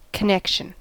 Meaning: 1. The act of connecting 2. The act of connecting.: Coherence; lack of disjointedness 3. The act of connecting.: Sexual intercourse 4. The point at which two or more things are connected
- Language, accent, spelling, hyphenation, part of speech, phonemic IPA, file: English, US, connection, con‧nec‧tion, noun, /kəˈnɛkʃ(ə)n/, En-us-connection.ogg